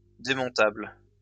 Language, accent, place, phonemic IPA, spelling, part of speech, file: French, France, Lyon, /de.mɔ̃.tabl/, démontable, adjective, LL-Q150 (fra)-démontable.wav
- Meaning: demountable, dismantlable, dismantleable, that can be taken apart